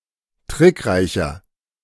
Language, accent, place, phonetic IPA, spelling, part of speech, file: German, Germany, Berlin, [ˈtʁɪkˌʁaɪ̯çɐ], trickreicher, adjective, De-trickreicher.ogg
- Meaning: 1. comparative degree of trickreich 2. inflection of trickreich: strong/mixed nominative masculine singular 3. inflection of trickreich: strong genitive/dative feminine singular